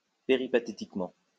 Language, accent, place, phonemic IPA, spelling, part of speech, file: French, France, Lyon, /pe.ʁi.pa.te.tik.mɑ̃/, péripatétiquement, adverb, LL-Q150 (fra)-péripatétiquement.wav
- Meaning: peripatetically